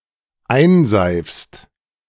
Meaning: second-person singular dependent present of einseifen
- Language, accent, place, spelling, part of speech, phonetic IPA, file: German, Germany, Berlin, einseifst, verb, [ˈaɪ̯nˌzaɪ̯fst], De-einseifst.ogg